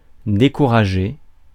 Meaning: 1. to discourage 2. to lose heart, lose faith
- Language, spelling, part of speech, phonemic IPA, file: French, décourager, verb, /de.ku.ʁa.ʒe/, Fr-décourager.ogg